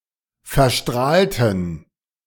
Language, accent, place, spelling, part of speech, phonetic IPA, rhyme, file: German, Germany, Berlin, verstrahlten, adjective / verb, [fɛɐ̯ˈʃtʁaːltn̩], -aːltn̩, De-verstrahlten.ogg
- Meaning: inflection of verstrahlen: 1. first/third-person plural preterite 2. first/third-person plural subjunctive II